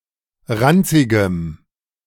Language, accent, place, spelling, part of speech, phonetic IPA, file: German, Germany, Berlin, ranzigem, adjective, [ˈʁant͡sɪɡəm], De-ranzigem.ogg
- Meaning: strong dative masculine/neuter singular of ranzig